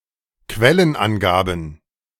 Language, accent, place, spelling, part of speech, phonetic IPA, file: German, Germany, Berlin, Quellenangaben, noun, [ˈkvɛlənˌʔanɡaːbn̩], De-Quellenangaben.ogg
- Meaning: plural of Quellenangabe